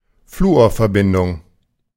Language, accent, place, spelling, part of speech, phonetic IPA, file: German, Germany, Berlin, Fluorverbindung, noun, [ˈfluːoːɐ̯fɛɐ̯ˌbɪndʊŋ], De-Fluorverbindung.ogg
- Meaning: fluorine compound